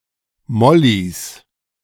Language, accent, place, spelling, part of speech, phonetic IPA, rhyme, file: German, Germany, Berlin, Mollis, noun, [ˈmɔlis], -ɔlis, De-Mollis.ogg
- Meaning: 1. genitive singular of Molli 2. plural of Molli